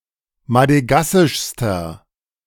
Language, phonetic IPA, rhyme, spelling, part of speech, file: German, [madəˈɡasɪʃstɐ], -asɪʃstɐ, madegassischster, adjective, De-madegassischster.ogg